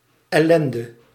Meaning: misery
- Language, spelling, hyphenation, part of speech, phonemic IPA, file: Dutch, ellende, el‧len‧de, noun, /ˌɛˈlɛn.də/, Nl-ellende.ogg